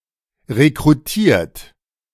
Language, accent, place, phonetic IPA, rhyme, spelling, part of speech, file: German, Germany, Berlin, [ʁekʁuˈtiːɐ̯t], -iːɐ̯t, rekrutiert, verb, De-rekrutiert.ogg
- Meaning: 1. past participle of rekrutieren 2. inflection of rekrutieren: third-person singular present 3. inflection of rekrutieren: second-person plural present 4. inflection of rekrutieren: plural imperative